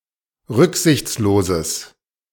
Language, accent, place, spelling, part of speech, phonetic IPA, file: German, Germany, Berlin, rücksichtsloses, adjective, [ˈʁʏkzɪçt͡sloːzəs], De-rücksichtsloses.ogg
- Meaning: strong/mixed nominative/accusative neuter singular of rücksichtslos